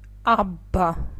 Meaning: abbot
- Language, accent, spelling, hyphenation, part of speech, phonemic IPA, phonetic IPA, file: Armenian, Eastern Armenian, աբբա, աբ‧բա, noun, /ɑbˈbɑ/, [ɑbːɑ́], Hy-աբբա.ogg